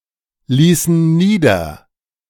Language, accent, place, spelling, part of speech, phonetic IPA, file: German, Germany, Berlin, ließen nieder, verb, [ˌliːsn̩ ˈniːdɐ], De-ließen nieder.ogg
- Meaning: inflection of niederlassen: 1. first/third-person plural preterite 2. first/third-person plural subjunctive II